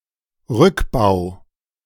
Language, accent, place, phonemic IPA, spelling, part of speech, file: German, Germany, Berlin, /ˈʁʏkˌbaʊ̯/, Rückbau, noun, De-Rückbau.ogg
- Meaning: dismantling, demolition